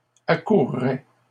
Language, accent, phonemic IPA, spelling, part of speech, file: French, Canada, /a.kuʁ.ʁɛ/, accourrait, verb, LL-Q150 (fra)-accourrait.wav
- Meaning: third-person singular conditional of accourir